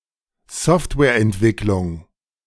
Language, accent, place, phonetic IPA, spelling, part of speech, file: German, Germany, Berlin, [ˈsɔftvɛːɐ̯ʔɛntˌvɪklʊŋ], Softwareentwicklung, noun, De-Softwareentwicklung.ogg
- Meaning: software development